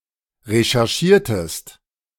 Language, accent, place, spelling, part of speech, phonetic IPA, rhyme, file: German, Germany, Berlin, recherchiertest, verb, [ʁeʃɛʁˈʃiːɐ̯təst], -iːɐ̯təst, De-recherchiertest.ogg
- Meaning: inflection of recherchieren: 1. second-person singular preterite 2. second-person singular subjunctive II